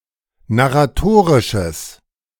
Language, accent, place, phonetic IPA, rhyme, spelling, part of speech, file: German, Germany, Berlin, [naʁaˈtoːʁɪʃəs], -oːʁɪʃəs, narratorisches, adjective, De-narratorisches.ogg
- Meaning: strong/mixed nominative/accusative neuter singular of narratorisch